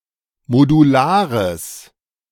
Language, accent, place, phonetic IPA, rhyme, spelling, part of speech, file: German, Germany, Berlin, [moduˈlaːʁəs], -aːʁəs, modulares, adjective, De-modulares.ogg
- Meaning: strong/mixed nominative/accusative neuter singular of modular